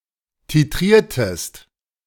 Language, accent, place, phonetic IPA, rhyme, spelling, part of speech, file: German, Germany, Berlin, [tiˈtʁiːɐ̯təst], -iːɐ̯təst, titriertest, verb, De-titriertest.ogg
- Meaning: inflection of titrieren: 1. second-person singular preterite 2. second-person singular subjunctive II